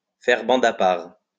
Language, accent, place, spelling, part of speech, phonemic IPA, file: French, France, Lyon, faire bande à part, verb, /fɛʁ bɑ̃d a paʁ/, LL-Q150 (fra)-faire bande à part.wav
- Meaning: to keep to oneself, not to join in; to form a separate group